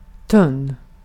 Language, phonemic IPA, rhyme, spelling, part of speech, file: Swedish, /tɵn/, -ɵn, tunn, adjective, Sv-tunn.ogg
- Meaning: 1. thin; having small thickness 2. scanty, thin; sparsely occurring 3. diffuse, diluted; lacking substance